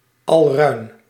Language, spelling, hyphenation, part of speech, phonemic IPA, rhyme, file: Dutch, alruin, al‧ruin, noun, /ɑlˈrœy̯n/, -œy̯n, Nl-alruin.ogg
- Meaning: 1. mandrake (plant of genus Mandragora) 2. common mandrake (Mandragora officinarum) 3. a mandragora sprite, supposed to be the root of the mandrake plant